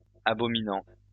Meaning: present participle of abominer
- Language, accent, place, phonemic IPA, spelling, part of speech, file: French, France, Lyon, /a.bɔ.mi.nɑ̃/, abominant, verb, LL-Q150 (fra)-abominant.wav